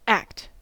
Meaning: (noun) 1. Something done, a deed 2. Actuality 3. Something done once and for all, as distinguished from a work 4. A product of a legislative body, a statute
- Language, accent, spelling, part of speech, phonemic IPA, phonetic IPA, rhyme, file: English, US, act, noun / verb / adverb, /ækt/, [ækt], -ækt, En-us-act.ogg